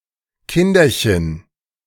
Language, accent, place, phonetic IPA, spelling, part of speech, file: German, Germany, Berlin, [ˈkɪndɐçən], Kinderchen, noun, De-Kinderchen.ogg
- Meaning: plural of Kindchen